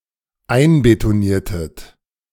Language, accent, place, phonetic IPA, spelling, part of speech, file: German, Germany, Berlin, [ˈaɪ̯nbetoˌniːɐ̯tət], einbetoniertet, verb, De-einbetoniertet.ogg
- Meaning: inflection of einbetonieren: 1. second-person plural dependent preterite 2. second-person plural dependent subjunctive II